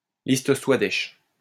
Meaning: Swadesh list
- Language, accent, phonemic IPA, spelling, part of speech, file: French, France, /lis.t(ə) swa.dɛʃ/, liste Swadesh, noun, LL-Q150 (fra)-liste Swadesh.wav